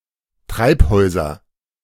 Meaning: nominative/accusative/genitive plural of Treibhaus
- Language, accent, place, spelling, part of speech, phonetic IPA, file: German, Germany, Berlin, Treibhäuser, noun, [ˈtʁaɪ̯pˌhɔɪ̯zɐ], De-Treibhäuser.ogg